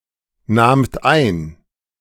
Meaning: second-person plural preterite of einnehmen
- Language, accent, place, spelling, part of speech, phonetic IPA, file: German, Germany, Berlin, nahmt ein, verb, [ˌnaːmt ˈaɪ̯n], De-nahmt ein.ogg